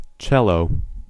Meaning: A large unfretted stringed instrument of the violin family with four strings tuned (lowest to highest) C-G-D-A and an endpin to support its weight, usually played with a bow
- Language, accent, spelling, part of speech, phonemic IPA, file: English, US, cello, noun, /ˈt͡ʃɛloʊ/, En-us-cello.ogg